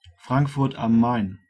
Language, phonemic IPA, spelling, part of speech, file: German, /ˈfʁaŋkfʊʁt am ˈmaɪn/, Frankfurt am Main, proper noun, De-Frankfurt am Main.ogg
- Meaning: Frankfurt am Main (the largest city in Hesse, in central Germany)